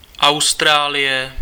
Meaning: Australia (a country consisting of a main island, the island of Tasmania and other smaller islands, located in Oceania; historically, a collection of former colonies of the British Empire)
- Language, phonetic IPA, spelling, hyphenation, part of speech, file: Czech, [ˈau̯straːlɪjɛ], Austrálie, Aus‧t‧rá‧lie, proper noun, Cs-Austrálie.ogg